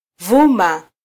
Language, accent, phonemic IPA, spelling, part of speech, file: Swahili, Kenya, /ˈvu.mɑ/, vuma, verb, Sw-ke-vuma.flac
- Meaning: 1. to growl, howl, hum, roar 2. to be talked about, to be discussed